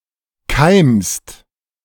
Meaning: second-person singular present of keimen
- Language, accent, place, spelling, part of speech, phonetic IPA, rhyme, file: German, Germany, Berlin, keimst, verb, [kaɪ̯mst], -aɪ̯mst, De-keimst.ogg